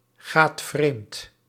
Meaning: inflection of vreemdgaan: 1. second/third-person singular present indicative 2. plural imperative
- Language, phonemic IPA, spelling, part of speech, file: Dutch, /ˈɣat ˈvremt/, gaat vreemd, verb, Nl-gaat vreemd.ogg